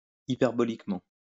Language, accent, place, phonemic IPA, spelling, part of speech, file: French, France, Lyon, /i.pɛʁ.bɔ.lik.mɑ̃/, hyperboliquement, adverb, LL-Q150 (fra)-hyperboliquement.wav
- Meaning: hyperbolically